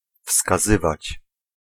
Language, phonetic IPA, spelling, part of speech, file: Polish, [fskaˈzɨvat͡ɕ], wskazywać, verb, Pl-wskazywać.ogg